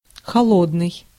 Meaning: cold
- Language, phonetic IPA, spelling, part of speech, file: Russian, [xɐˈɫodnɨj], холодный, adjective, Ru-холодный.ogg